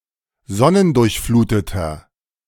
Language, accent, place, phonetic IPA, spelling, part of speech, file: German, Germany, Berlin, [ˈzɔnəndʊʁçˌfluːtətɐ], sonnendurchfluteter, adjective, De-sonnendurchfluteter.ogg
- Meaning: inflection of sonnendurchflutet: 1. strong/mixed nominative masculine singular 2. strong genitive/dative feminine singular 3. strong genitive plural